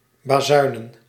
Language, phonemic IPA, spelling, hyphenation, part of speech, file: Dutch, /baːˈzœy̯nə(n)/, bazuinen, ba‧zui‧nen, verb / noun, Nl-bazuinen.ogg
- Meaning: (verb) to trumpet, to fanfare, to announce loudly; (noun) plural of bazuin